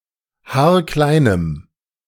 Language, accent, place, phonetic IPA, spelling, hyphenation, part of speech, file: German, Germany, Berlin, [ˈhaːɐ̯ˈklaɪ̯nəm], haarkleinem, haar‧klei‧nem, adjective, De-haarkleinem.ogg
- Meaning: strong dative masculine/neuter singular of haarklein